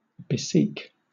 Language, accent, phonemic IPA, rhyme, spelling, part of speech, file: English, Southern England, /bəˈsiːk/, -iːk, beseek, verb, LL-Q1860 (eng)-beseek.wav
- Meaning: To beseech; entreat